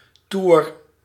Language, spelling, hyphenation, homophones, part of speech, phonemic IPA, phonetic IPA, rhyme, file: Dutch, toer, toer, tour, noun, /tur/, [tuːr], -ur, Nl-toer.ogg
- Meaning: 1. turn, rotation, revolution 2. tour, trip 3. whim, urge (odd emotional action or behaviour) 4. prank, stunt, trick